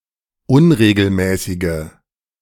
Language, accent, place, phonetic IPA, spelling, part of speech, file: German, Germany, Berlin, [ˈʊnʁeːɡl̩ˌmɛːsɪɡə], unregelmäßige, adjective, De-unregelmäßige.ogg
- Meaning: inflection of unregelmäßig: 1. strong/mixed nominative/accusative feminine singular 2. strong nominative/accusative plural 3. weak nominative all-gender singular